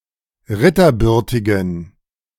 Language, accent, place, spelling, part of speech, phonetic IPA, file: German, Germany, Berlin, ritterbürtigen, adjective, [ˈʁɪtɐˌbʏʁtɪɡn̩], De-ritterbürtigen.ogg
- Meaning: inflection of ritterbürtig: 1. strong genitive masculine/neuter singular 2. weak/mixed genitive/dative all-gender singular 3. strong/weak/mixed accusative masculine singular 4. strong dative plural